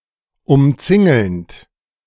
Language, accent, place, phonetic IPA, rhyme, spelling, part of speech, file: German, Germany, Berlin, [ʊmˈt͡sɪŋl̩nt], -ɪŋl̩nt, umzingelnd, verb, De-umzingelnd.ogg
- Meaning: present participle of umzingeln